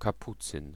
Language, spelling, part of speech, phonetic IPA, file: Polish, kapucyn, noun, [kaˈput͡sɨ̃n], Pl-kapucyn.ogg